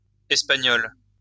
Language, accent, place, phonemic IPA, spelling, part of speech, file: French, France, Lyon, /ɛs.pa.ɲɔl/, espagnoles, adjective, LL-Q150 (fra)-espagnoles.wav
- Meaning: feminine plural of espagnol